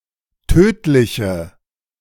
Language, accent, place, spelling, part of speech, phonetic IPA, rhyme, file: German, Germany, Berlin, tödliche, adjective, [ˈtøːtlɪçə], -øːtlɪçə, De-tödliche.ogg
- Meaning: inflection of tödlich: 1. strong/mixed nominative/accusative feminine singular 2. strong nominative/accusative plural 3. weak nominative all-gender singular 4. weak accusative feminine/neuter singular